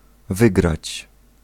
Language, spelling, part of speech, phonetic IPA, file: Polish, wygrać, verb, [ˈvɨɡrat͡ɕ], Pl-wygrać.ogg